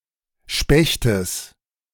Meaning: genitive singular of Specht
- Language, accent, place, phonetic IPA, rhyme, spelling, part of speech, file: German, Germany, Berlin, [ˈʃpɛçtəs], -ɛçtəs, Spechtes, noun, De-Spechtes.ogg